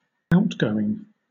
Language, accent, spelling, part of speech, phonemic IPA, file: English, Southern England, outgoing, noun, /ˈaʊtˌɡəʊɪŋ/, LL-Q1860 (eng)-outgoing.wav
- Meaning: 1. The act of leaving or going out; exit, departure 2. Money that leaves one's possession; expenditure, outlay, expense 3. The extreme limit; the place of ending